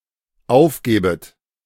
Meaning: second-person plural dependent subjunctive I of aufgeben
- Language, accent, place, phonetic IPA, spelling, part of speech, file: German, Germany, Berlin, [ˈaʊ̯fˌɡeːbət], aufgebet, verb, De-aufgebet.ogg